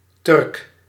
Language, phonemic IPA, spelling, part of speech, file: Dutch, /tʏrk/, Turk, noun, Nl-Turk.ogg
- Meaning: a Turkish person, a Turk